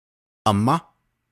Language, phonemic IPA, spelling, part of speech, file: Navajo, /ʔɑ̀mɑ́/, amá, noun, Nv-amá.ogg
- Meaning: 1. mother 2. maternal aunt